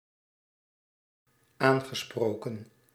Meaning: past participle of aanspreken
- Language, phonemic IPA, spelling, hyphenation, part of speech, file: Dutch, /ˈaːn.ɣəˌsproː.kə(n)/, aangesproken, aan‧ge‧spro‧ken, verb, Nl-aangesproken.ogg